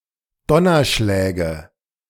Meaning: nominative/accusative/genitive plural of Donnerschlag
- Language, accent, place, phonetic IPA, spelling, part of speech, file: German, Germany, Berlin, [ˈdɔnɐˌʃlɛːɡə], Donnerschläge, noun, De-Donnerschläge.ogg